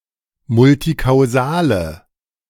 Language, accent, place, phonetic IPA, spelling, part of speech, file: German, Germany, Berlin, [ˈmʊltikaʊ̯ˌzaːlə], multikausale, adjective, De-multikausale.ogg
- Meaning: inflection of multikausal: 1. strong/mixed nominative/accusative feminine singular 2. strong nominative/accusative plural 3. weak nominative all-gender singular